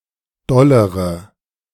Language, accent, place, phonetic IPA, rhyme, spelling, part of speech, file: German, Germany, Berlin, [ˈdɔləʁə], -ɔləʁə, dollere, adjective, De-dollere.ogg
- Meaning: inflection of doll: 1. strong/mixed nominative/accusative feminine singular comparative degree 2. strong nominative/accusative plural comparative degree